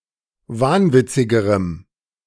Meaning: strong dative masculine/neuter singular comparative degree of wahnwitzig
- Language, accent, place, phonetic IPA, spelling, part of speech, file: German, Germany, Berlin, [ˈvaːnˌvɪt͡sɪɡəʁəm], wahnwitzigerem, adjective, De-wahnwitzigerem.ogg